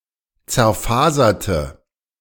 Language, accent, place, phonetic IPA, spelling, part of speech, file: German, Germany, Berlin, [t͡sɛɐ̯ˈfaːzɐtə], zerfaserte, adjective / verb, De-zerfaserte.ogg
- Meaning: inflection of zerfasern: 1. first/third-person singular preterite 2. first/third-person singular subjunctive II